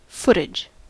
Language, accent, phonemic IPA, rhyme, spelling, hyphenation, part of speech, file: English, General American, /ˈfʊtɪd͡ʒ/, -ʊtɪdʒ, footage, foot‧age, noun, En-us-footage.ogg
- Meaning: 1. An amount of film or tape that has been used to record something, or the content of the recording 2. A measurement in feet